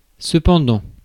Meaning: 1. meanwhile 2. however, nevertheless, yet, notwithstanding
- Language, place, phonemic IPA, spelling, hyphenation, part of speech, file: French, Paris, /sə.pɑ̃.dɑ̃/, cependant, ce‧pen‧dant, adverb, Fr-cependant.ogg